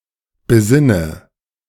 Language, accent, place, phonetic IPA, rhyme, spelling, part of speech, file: German, Germany, Berlin, [bəˈzɪnə], -ɪnə, besinne, verb, De-besinne.ogg
- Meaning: inflection of besinnen: 1. first-person singular present 2. first/third-person singular subjunctive I 3. singular imperative